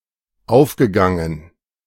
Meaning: past participle of aufgehen
- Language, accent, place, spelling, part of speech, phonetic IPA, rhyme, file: German, Germany, Berlin, aufgegangen, verb, [ˈaʊ̯fɡəˌɡaŋən], -aʊ̯fɡəɡaŋən, De-aufgegangen.ogg